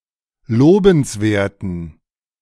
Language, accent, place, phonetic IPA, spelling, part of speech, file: German, Germany, Berlin, [ˈloːbn̩sˌveːɐ̯tn̩], lobenswerten, adjective, De-lobenswerten.ogg
- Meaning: inflection of lobenswert: 1. strong genitive masculine/neuter singular 2. weak/mixed genitive/dative all-gender singular 3. strong/weak/mixed accusative masculine singular 4. strong dative plural